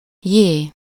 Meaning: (interjection) wow, gee (the expression of surprise); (noun) The name of the Latin script letter J/j
- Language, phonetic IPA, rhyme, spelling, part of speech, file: Hungarian, [ˈjeː], -jeː, jé, interjection / noun, Hu-jé.ogg